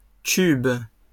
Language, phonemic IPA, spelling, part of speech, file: French, /kyb/, cubes, noun, LL-Q150 (fra)-cubes.wav
- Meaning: plural of cube